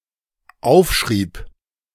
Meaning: first/third-person singular dependent preterite of aufschreiben
- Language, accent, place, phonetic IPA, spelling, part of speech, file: German, Germany, Berlin, [ˈaʊ̯fˌʃʁiːp], aufschrieb, verb, De-aufschrieb.ogg